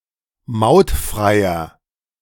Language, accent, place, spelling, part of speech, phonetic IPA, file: German, Germany, Berlin, mautfreier, adjective, [ˈmaʊ̯tˌfʁaɪ̯ɐ], De-mautfreier.ogg
- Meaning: inflection of mautfrei: 1. strong/mixed nominative masculine singular 2. strong genitive/dative feminine singular 3. strong genitive plural